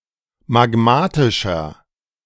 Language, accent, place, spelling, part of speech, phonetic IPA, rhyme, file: German, Germany, Berlin, magmatischer, adjective, [maˈɡmaːtɪʃɐ], -aːtɪʃɐ, De-magmatischer.ogg
- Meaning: inflection of magmatisch: 1. strong/mixed nominative masculine singular 2. strong genitive/dative feminine singular 3. strong genitive plural